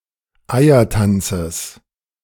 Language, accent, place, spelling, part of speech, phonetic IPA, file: German, Germany, Berlin, Eiertanzes, noun, [ˈaɪ̯ɐˌtant͡səs], De-Eiertanzes.ogg
- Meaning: genitive singular of Eiertanz